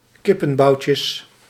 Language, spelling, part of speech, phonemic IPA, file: Dutch, kippenboutjes, noun, /ˈkɪpə(n)ˌbɑucəs/, Nl-kippenboutjes.ogg
- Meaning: plural of kippenboutje